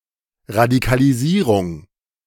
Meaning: radicalization
- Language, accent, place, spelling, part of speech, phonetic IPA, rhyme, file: German, Germany, Berlin, Radikalisierung, noun, [ʁadikaliˈziːʁʊŋ], -iːʁʊŋ, De-Radikalisierung.ogg